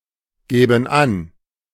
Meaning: first/third-person plural subjunctive II of angeben
- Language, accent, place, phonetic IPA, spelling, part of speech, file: German, Germany, Berlin, [ˌɡɛːbn̩ ˈan], gäben an, verb, De-gäben an.ogg